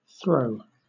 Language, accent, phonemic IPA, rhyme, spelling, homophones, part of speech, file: English, Southern England, /θɹəʊ/, -əʊ, throe, throw, noun / verb, LL-Q1860 (eng)-throe.wav
- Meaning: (noun) A severe pang or spasm of pain, especially one experienced when the uterus contracts during childbirth, or when a person is about to die